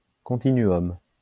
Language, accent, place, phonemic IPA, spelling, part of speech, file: French, France, Lyon, /kɔ̃.ti.ny.ɔm/, continuum, noun, LL-Q150 (fra)-continuum.wav
- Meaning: continuum